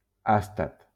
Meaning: astatine
- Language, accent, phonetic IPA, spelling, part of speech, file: Catalan, Valencia, [ˈas.tat], àstat, noun, LL-Q7026 (cat)-àstat.wav